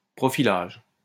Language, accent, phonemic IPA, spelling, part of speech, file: French, France, /pʁɔ.fi.laʒ/, profilage, noun, LL-Q150 (fra)-profilage.wav
- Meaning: profiling